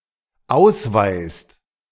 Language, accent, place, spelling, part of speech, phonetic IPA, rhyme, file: German, Germany, Berlin, ausweist, verb, [ˈaʊ̯sˌvaɪ̯st], -aʊ̯svaɪ̯st, De-ausweist.ogg
- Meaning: inflection of ausweisen: 1. second/third-person singular dependent present 2. second-person plural dependent present